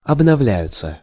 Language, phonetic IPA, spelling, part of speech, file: Russian, [ɐbnɐˈvlʲæjʊt͡sə], обновляются, verb, Ru-обновляются.ogg
- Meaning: third-person plural present indicative imperfective of обновля́ться (obnovljátʹsja)